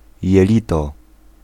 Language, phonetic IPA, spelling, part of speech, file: Polish, [jɛˈlʲitɔ], jelito, noun, Pl-jelito.ogg